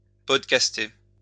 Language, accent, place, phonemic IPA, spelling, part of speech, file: French, France, Lyon, /pɔd.kas.te/, podcaster, verb, LL-Q150 (fra)-podcaster.wav
- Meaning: to podcast